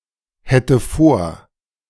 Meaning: first/third-person singular subjunctive II of vorhaben
- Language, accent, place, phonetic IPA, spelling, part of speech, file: German, Germany, Berlin, [ˌhɛtə ˈfoːɐ̯], hätte vor, verb, De-hätte vor.ogg